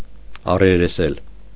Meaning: to confront, to come face to face
- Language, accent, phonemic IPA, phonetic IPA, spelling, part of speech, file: Armenian, Eastern Armenian, /ɑreɾeˈsel/, [ɑreɾesél], առերեսել, verb, Hy-առերեսել.ogg